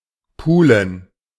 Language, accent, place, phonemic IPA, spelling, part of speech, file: German, Germany, Berlin, /ˈpuːlən/, pulen, verb, De-pulen.ogg
- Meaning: 1. to pick, to pull (to try to dislodge or remove something small with one's fingers, especially laboriously so) 2. to shell (to separate the meat of a crustacean from its shell)